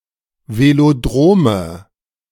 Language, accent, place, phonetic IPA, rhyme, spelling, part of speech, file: German, Germany, Berlin, [veloˈdʁoːmə], -oːmə, Velodrome, noun, De-Velodrome.ogg
- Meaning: nominative/accusative/genitive plural of Velodrom